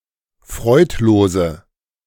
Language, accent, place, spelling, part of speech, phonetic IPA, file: German, Germany, Berlin, freudlose, adjective, [ˈfʁɔɪ̯tˌloːzə], De-freudlose.ogg
- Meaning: inflection of freudlos: 1. strong/mixed nominative/accusative feminine singular 2. strong nominative/accusative plural 3. weak nominative all-gender singular